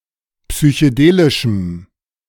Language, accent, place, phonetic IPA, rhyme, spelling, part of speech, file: German, Germany, Berlin, [psyçəˈdeːlɪʃm̩], -eːlɪʃm̩, psychedelischem, adjective, De-psychedelischem.ogg
- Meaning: strong dative masculine/neuter singular of psychedelisch